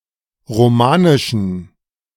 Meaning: inflection of romanisch: 1. strong genitive masculine/neuter singular 2. weak/mixed genitive/dative all-gender singular 3. strong/weak/mixed accusative masculine singular 4. strong dative plural
- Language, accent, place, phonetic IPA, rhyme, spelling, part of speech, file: German, Germany, Berlin, [ʁoˈmaːnɪʃn̩], -aːnɪʃn̩, romanischen, adjective, De-romanischen.ogg